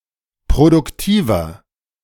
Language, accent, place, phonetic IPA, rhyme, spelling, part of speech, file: German, Germany, Berlin, [pʁodʊkˈtiːvɐ], -iːvɐ, produktiver, adjective, De-produktiver.ogg
- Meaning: 1. comparative degree of produktiv 2. inflection of produktiv: strong/mixed nominative masculine singular 3. inflection of produktiv: strong genitive/dative feminine singular